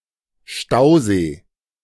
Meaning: reservoir
- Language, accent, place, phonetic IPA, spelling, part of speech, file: German, Germany, Berlin, [ˈʃtaʊ̯ˌzeː], Stausee, noun, De-Stausee.ogg